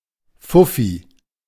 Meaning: 1. a banknote (or a rarely coin) of a given currency with the nominal value of fifty 2. motor scooter with a cubic capacity of 50 ccm
- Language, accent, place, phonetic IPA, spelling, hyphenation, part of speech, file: German, Germany, Berlin, [ˈfʊfi], Fuffi, Fuf‧fi, noun, De-Fuffi.ogg